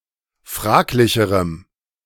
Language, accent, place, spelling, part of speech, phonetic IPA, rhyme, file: German, Germany, Berlin, fraglicherem, adjective, [ˈfʁaːklɪçəʁəm], -aːklɪçəʁəm, De-fraglicherem.ogg
- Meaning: strong dative masculine/neuter singular comparative degree of fraglich